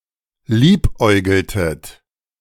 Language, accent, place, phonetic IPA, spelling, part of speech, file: German, Germany, Berlin, [ˈliːpˌʔɔɪ̯ɡl̩tət], liebäugeltet, verb, De-liebäugeltet.ogg
- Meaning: inflection of liebäugeln: 1. second-person plural preterite 2. second-person plural subjunctive II